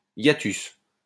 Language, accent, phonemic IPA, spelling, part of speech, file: French, France, /ja.tys/, hiatus, noun, LL-Q150 (fra)-hiatus.wav
- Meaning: 1. hiatus, gap 2. hiatus